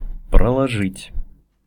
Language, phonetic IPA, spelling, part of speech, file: Russian, [prəɫɐˈʐɨtʲ], проложить, verb, Ru-проложить.ogg
- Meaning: 1. to build, to construct, to lay 2. to clear 3. to map 4. to interlay (with)